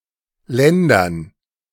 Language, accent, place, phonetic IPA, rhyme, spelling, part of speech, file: German, Germany, Berlin, [ˈlɛndɐn], -ɛndɐn, Ländern, noun, De-Ländern.ogg
- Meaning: dative plural of Land